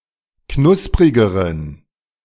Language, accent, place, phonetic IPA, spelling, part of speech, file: German, Germany, Berlin, [ˈknʊspʁɪɡəʁən], knusprigeren, adjective, De-knusprigeren.ogg
- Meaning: inflection of knusprig: 1. strong genitive masculine/neuter singular comparative degree 2. weak/mixed genitive/dative all-gender singular comparative degree